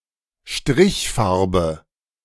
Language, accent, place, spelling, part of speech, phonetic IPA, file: German, Germany, Berlin, Strichfarbe, noun, [ˈʃtʁɪçˌfaʁbə], De-Strichfarbe.ogg
- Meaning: streak